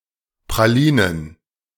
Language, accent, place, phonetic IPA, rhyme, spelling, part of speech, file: German, Germany, Berlin, [pʁaˈliːnən], -iːnən, Pralinen, noun, De-Pralinen.ogg
- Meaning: plural of Praline